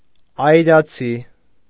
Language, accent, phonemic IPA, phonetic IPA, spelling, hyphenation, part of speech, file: Armenian, Eastern Armenian, /ɑjɾɑˈt͡sʰi/, [ɑjɾɑt͡sʰí], այրացի, այ‧րա‧ցի, adjective, Hy-այրացի.ogg
- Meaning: brave, manly